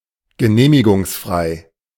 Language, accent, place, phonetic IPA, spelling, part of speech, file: German, Germany, Berlin, [ɡəˈneːmɪɡʊŋsˌfʁaɪ̯], genehmigungsfrei, adjective, De-genehmigungsfrei.ogg
- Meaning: not subject to authorization or approval